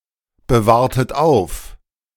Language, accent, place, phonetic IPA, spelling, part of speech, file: German, Germany, Berlin, [bəˌvaːɐ̯tət ˈaʊ̯f], bewahrtet auf, verb, De-bewahrtet auf.ogg
- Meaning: inflection of aufbewahren: 1. second-person plural preterite 2. second-person plural subjunctive II